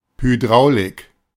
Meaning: hydraulics
- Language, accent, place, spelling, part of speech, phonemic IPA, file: German, Germany, Berlin, Hydraulik, noun, /hyˈdʁaʊ̯lɪk/, De-Hydraulik.ogg